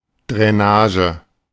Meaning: drainage
- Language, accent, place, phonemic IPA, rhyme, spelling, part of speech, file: German, Germany, Berlin, /dʁɛˈnaːʒə/, -aːʒə, Drainage, noun, De-Drainage.ogg